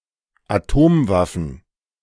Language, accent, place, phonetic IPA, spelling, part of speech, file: German, Germany, Berlin, [aˈtoːmˌvafn̩], Atomwaffen, noun, De-Atomwaffen.ogg
- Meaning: plural of Atomwaffe